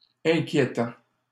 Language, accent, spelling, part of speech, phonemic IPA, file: French, Canada, inquiétant, adjective / verb, /ɛ̃.kje.tɑ̃/, LL-Q150 (fra)-inquiétant.wav
- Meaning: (adjective) worrying, disturbing, disquieting; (verb) present participle of inquiéter